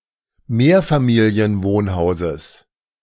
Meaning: genitive singular of Mehrfamilienwohnhaus
- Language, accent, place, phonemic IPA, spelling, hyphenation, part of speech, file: German, Germany, Berlin, /ˈmeːɐ̯faˌmiːli̯ənˌvoːnhaʊ̯zəs/, Mehrfamilienwohnhauses, Mehr‧fa‧mi‧li‧en‧wohn‧hau‧ses, noun, De-Mehrfamilienwohnhauses.ogg